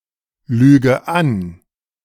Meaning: inflection of anlügen: 1. first-person singular present 2. first/third-person singular subjunctive I 3. singular imperative
- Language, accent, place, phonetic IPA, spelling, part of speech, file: German, Germany, Berlin, [ˌlyːɡə ˈan], lüge an, verb, De-lüge an.ogg